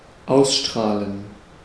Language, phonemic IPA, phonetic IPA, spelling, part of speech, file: German, /ˈaʊ̯sˌʃtʁaːlən/, [ˈaʊ̯sˌʃtʁaːln̩], ausstrahlen, verb, De-ausstrahlen.ogg
- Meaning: 1. to emanate (to come from a source) 2. to air; broadcast 3. to floodlight